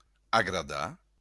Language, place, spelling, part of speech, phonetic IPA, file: Occitan, Béarn, agradar, verb, [aɣraˈða], LL-Q14185 (oci)-agradar.wav
- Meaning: 1. to like 2. to please